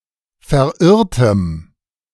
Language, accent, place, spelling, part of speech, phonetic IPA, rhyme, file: German, Germany, Berlin, verirrtem, adjective, [fɛɐ̯ˈʔɪʁtəm], -ɪʁtəm, De-verirrtem.ogg
- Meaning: strong dative masculine/neuter singular of verirrt